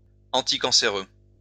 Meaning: anticancer
- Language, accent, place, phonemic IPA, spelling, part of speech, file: French, France, Lyon, /ɑ̃.ti.kɑ̃.se.ʁø/, anticancéreux, adjective, LL-Q150 (fra)-anticancéreux.wav